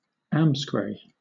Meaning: To go away
- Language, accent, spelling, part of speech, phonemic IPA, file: English, Southern England, amscray, verb, /ˈæmskɹeɪ/, LL-Q1860 (eng)-amscray.wav